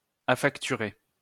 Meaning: to factor
- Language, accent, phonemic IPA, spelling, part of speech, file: French, France, /a.fak.ty.ʁe/, affacturer, verb, LL-Q150 (fra)-affacturer.wav